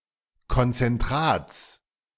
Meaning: genitive singular of Konzentrat
- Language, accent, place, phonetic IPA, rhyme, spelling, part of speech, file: German, Germany, Berlin, [kɔnt͡sɛnˈtʁaːt͡s], -aːt͡s, Konzentrats, noun, De-Konzentrats.ogg